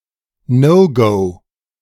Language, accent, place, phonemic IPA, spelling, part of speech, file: German, Germany, Berlin, /ˈnɔʊ̯ɡɔʊ̯/, No-Go, noun, De-No-Go.ogg
- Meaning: no go (something which should not or cannot be done)